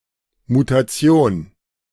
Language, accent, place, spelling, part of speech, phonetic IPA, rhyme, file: German, Germany, Berlin, Mutation, noun, [mutaˈt͡si̯oːn], -oːn, De-Mutation.ogg
- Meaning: mutation